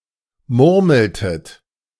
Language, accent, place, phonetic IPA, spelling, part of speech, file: German, Germany, Berlin, [ˈmʊʁml̩tət], murmeltet, verb, De-murmeltet.ogg
- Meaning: inflection of murmeln: 1. second-person plural preterite 2. second-person plural subjunctive II